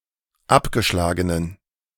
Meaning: inflection of abgeschlagen: 1. strong genitive masculine/neuter singular 2. weak/mixed genitive/dative all-gender singular 3. strong/weak/mixed accusative masculine singular 4. strong dative plural
- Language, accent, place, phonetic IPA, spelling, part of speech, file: German, Germany, Berlin, [ˈapɡəˌʃlaːɡənən], abgeschlagenen, adjective, De-abgeschlagenen.ogg